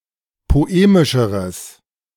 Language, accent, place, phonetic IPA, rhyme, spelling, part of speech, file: German, Germany, Berlin, [poˈeːmɪʃəʁəs], -eːmɪʃəʁəs, poemischeres, adjective, De-poemischeres.ogg
- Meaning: strong/mixed nominative/accusative neuter singular comparative degree of poemisch